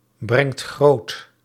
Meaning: inflection of grootbrengen: 1. second/third-person singular present indicative 2. plural imperative
- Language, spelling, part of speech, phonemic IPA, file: Dutch, brengt groot, verb, /ˈbrɛŋt ˈɣrot/, Nl-brengt groot.ogg